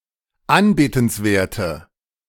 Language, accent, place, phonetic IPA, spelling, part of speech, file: German, Germany, Berlin, [ˈanbeːtn̩sˌveːɐ̯tə], anbetenswerte, adjective, De-anbetenswerte.ogg
- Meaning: inflection of anbetenswert: 1. strong/mixed nominative/accusative feminine singular 2. strong nominative/accusative plural 3. weak nominative all-gender singular